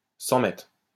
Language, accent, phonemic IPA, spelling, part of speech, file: French, France, /sɑ̃ mɛtʁ/, 100 mètres, noun, LL-Q150 (fra)-100 mètres.wav
- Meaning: 100 metres